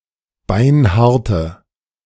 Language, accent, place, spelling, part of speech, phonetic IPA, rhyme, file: German, Germany, Berlin, beinharte, adjective, [ˈbaɪ̯nˈhaʁtə], -aʁtə, De-beinharte.ogg
- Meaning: inflection of beinhart: 1. strong/mixed nominative/accusative feminine singular 2. strong nominative/accusative plural 3. weak nominative all-gender singular